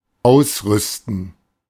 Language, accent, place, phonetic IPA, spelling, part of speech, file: German, Germany, Berlin, [ˈaʊ̯sˌʁʏstn̩], ausrüsten, verb, De-ausrüsten.ogg
- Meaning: to equip, to supply